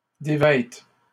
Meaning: first/third-person singular present subjunctive of dévêtir
- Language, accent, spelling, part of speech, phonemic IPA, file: French, Canada, dévête, verb, /de.vɛt/, LL-Q150 (fra)-dévête.wav